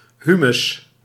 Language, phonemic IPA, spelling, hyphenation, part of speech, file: Dutch, /ˈɦy.mʏs/, humus, hu‧mus, noun, Nl-humus.ogg
- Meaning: 1. humus (soil organic matter) 2. compost